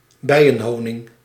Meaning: bees' honey
- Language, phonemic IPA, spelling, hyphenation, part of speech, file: Dutch, /ˈbɛi̯.ə(n)ˌɦoː.nɪŋ/, bijenhoning, bij‧en‧ho‧ning, noun, Nl-bijenhoning.ogg